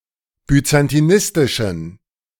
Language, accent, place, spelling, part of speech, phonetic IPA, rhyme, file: German, Germany, Berlin, byzantinistischen, adjective, [byt͡santiˈnɪstɪʃn̩], -ɪstɪʃn̩, De-byzantinistischen.ogg
- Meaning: inflection of byzantinistisch: 1. strong genitive masculine/neuter singular 2. weak/mixed genitive/dative all-gender singular 3. strong/weak/mixed accusative masculine singular 4. strong dative plural